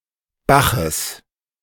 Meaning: genitive singular of Bach
- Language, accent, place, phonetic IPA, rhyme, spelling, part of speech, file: German, Germany, Berlin, [ˈbaxəs], -axəs, Baches, noun, De-Baches.ogg